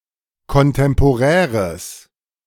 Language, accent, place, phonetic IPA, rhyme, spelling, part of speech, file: German, Germany, Berlin, [kɔnˌtɛmpoˈʁɛːʁəs], -ɛːʁəs, kontemporäres, adjective, De-kontemporäres.ogg
- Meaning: strong/mixed nominative/accusative neuter singular of kontemporär